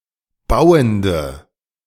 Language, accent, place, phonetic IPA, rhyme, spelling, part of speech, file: German, Germany, Berlin, [ˈbaʊ̯əndə], -aʊ̯əndə, bauende, adjective, De-bauende.ogg
- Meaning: inflection of bauend: 1. strong/mixed nominative/accusative feminine singular 2. strong nominative/accusative plural 3. weak nominative all-gender singular 4. weak accusative feminine/neuter singular